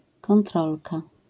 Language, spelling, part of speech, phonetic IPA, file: Polish, kontrolka, noun, [kɔ̃nˈtrɔlka], LL-Q809 (pol)-kontrolka.wav